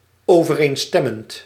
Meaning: present participle of overeenstemmen
- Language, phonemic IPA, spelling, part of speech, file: Dutch, /ˌovəˈrenstɛmənt/, overeenstemmend, verb / adjective, Nl-overeenstemmend.ogg